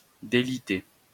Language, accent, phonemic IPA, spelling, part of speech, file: French, France, /de.li.te/, délité, verb, LL-Q150 (fra)-délité.wav
- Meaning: past participle of déliter